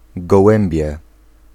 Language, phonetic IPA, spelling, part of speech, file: Polish, [ɡɔˈwɛ̃mbʲjɛ], gołębię, noun, Pl-gołębię.ogg